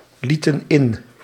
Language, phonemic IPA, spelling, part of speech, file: Dutch, /ˈlitə(n) ˈɪn/, lieten in, verb, Nl-lieten in.ogg
- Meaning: inflection of inlaten: 1. plural past indicative 2. plural past subjunctive